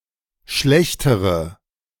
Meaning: inflection of schlecht: 1. strong/mixed nominative/accusative feminine singular comparative degree 2. strong nominative/accusative plural comparative degree
- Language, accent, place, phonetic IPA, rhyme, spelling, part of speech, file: German, Germany, Berlin, [ˈʃlɛçtəʁə], -ɛçtəʁə, schlechtere, adjective, De-schlechtere.ogg